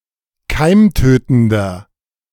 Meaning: inflection of keimtötend: 1. strong/mixed nominative masculine singular 2. strong genitive/dative feminine singular 3. strong genitive plural
- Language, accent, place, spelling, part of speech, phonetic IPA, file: German, Germany, Berlin, keimtötender, adjective, [ˈkaɪ̯mˌtøːtn̩dɐ], De-keimtötender.ogg